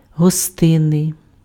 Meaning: hospitable
- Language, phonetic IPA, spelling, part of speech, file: Ukrainian, [ɦɔˈstɪnːei̯], гостинний, adjective, Uk-гостинний.ogg